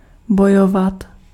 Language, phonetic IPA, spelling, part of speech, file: Czech, [ˈbojovat], bojovat, verb, Cs-bojovat.ogg
- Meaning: 1. to fight (to contend in physical conflict) 2. to fight (to strive for)